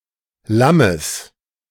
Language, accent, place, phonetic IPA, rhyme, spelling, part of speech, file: German, Germany, Berlin, [ˈlaməs], -aməs, Lammes, noun, De-Lammes.ogg
- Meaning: genitive singular of Lamm